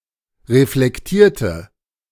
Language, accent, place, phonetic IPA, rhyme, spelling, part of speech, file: German, Germany, Berlin, [ʁeflɛkˈtiːɐ̯tə], -iːɐ̯tə, reflektierte, adjective / verb, De-reflektierte.ogg
- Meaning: inflection of reflektieren: 1. first/third-person singular preterite 2. first/third-person singular subjunctive II